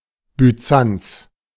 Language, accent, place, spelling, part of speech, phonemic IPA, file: German, Germany, Berlin, Byzanz, proper noun, /byˈtsan(t)s/, De-Byzanz.ogg
- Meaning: Byzantium (an ancient Greek city situated on the Bosporus in modern Turkey, renamed Constantinople in 330 C.E.; modern Istanbul)